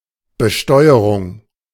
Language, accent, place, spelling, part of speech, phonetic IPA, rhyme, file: German, Germany, Berlin, Besteuerung, noun, [bəˈʃtɔɪ̯əʁʊŋ], -ɔɪ̯əʁʊŋ, De-Besteuerung.ogg
- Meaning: taxation